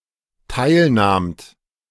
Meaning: second-person plural dependent preterite of teilnehmen
- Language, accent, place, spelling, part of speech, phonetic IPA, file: German, Germany, Berlin, teilnahmt, verb, [ˈtaɪ̯lˌnaːmt], De-teilnahmt.ogg